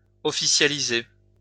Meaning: to formalise
- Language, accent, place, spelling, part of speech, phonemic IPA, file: French, France, Lyon, officialiser, verb, /ɔ.fi.sja.li.ze/, LL-Q150 (fra)-officialiser.wav